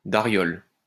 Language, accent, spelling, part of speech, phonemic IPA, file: French, France, dariole, noun, /da.ʁjɔl/, LL-Q150 (fra)-dariole.wav
- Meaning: dariole